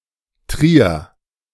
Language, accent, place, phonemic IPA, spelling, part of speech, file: German, Germany, Berlin, /tʁiːɐ̯/, Trier, proper noun, De-Trier.ogg
- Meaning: Trier (an independent city in Rhineland-Palatinate, Germany; the administrative seat of Trier-Saarburg district, which however does not include the city)